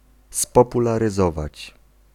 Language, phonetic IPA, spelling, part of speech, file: Polish, [ˌspɔpularɨˈzɔvat͡ɕ], spopularyzować, verb, Pl-spopularyzować.ogg